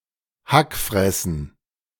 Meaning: plural of Hackfresse
- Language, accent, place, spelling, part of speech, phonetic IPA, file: German, Germany, Berlin, Hackfressen, noun, [ˈhakˌfʁɛsn̩], De-Hackfressen.ogg